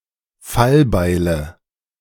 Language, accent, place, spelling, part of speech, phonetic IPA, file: German, Germany, Berlin, Fallbeile, noun, [ˈfalˌbaɪ̯lə], De-Fallbeile.ogg
- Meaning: nominative/accusative/genitive plural of Fallbeil